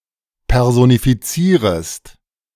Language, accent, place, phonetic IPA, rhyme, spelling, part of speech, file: German, Germany, Berlin, [ˌpɛʁzonifiˈt͡siːʁəst], -iːʁəst, personifizierest, verb, De-personifizierest.ogg
- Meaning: second-person singular subjunctive I of personifizieren